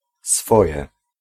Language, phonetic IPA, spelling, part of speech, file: Polish, [ˈsfɔjɛ], swoje, noun / adjective, Pl-swoje.ogg